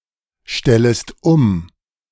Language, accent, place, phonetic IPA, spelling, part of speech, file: German, Germany, Berlin, [ˌʃtɛləst ˈʊm], stellest um, verb, De-stellest um.ogg
- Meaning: second-person singular subjunctive I of umstellen